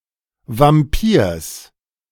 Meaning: genitive singular of Vampir
- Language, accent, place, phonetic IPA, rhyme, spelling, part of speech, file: German, Germany, Berlin, [vamˈpiːɐ̯s], -iːɐ̯s, Vampirs, noun, De-Vampirs.ogg